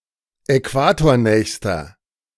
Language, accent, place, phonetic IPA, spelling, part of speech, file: German, Germany, Berlin, [ɛˈkvaːtoːɐ̯ˌnɛːçstɐ], äquatornächster, adjective, De-äquatornächster.ogg
- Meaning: inflection of äquatornah: 1. strong/mixed nominative masculine singular superlative degree 2. strong genitive/dative feminine singular superlative degree 3. strong genitive plural superlative degree